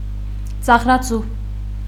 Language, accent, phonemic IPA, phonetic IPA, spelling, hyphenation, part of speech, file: Armenian, Eastern Armenian, /t͡sɑʁɾɑˈt͡su/, [t͡sɑʁɾɑt͡sú], ծաղրածու, ծաղ‧րա‧ծու, noun, Hy-ծաղրածու.ogg
- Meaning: 1. clown; mime, buffoon 2. mystery, riddle